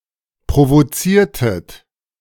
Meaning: inflection of provozieren: 1. second-person plural preterite 2. second-person plural subjunctive II
- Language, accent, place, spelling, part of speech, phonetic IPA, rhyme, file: German, Germany, Berlin, provoziertet, verb, [pʁovoˈt͡siːɐ̯tət], -iːɐ̯tət, De-provoziertet.ogg